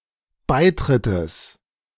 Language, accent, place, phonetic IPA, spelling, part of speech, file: German, Germany, Berlin, [ˈbaɪ̯ˌtʁɪtəs], Beitrittes, noun, De-Beitrittes.ogg
- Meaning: genitive singular of Beitritt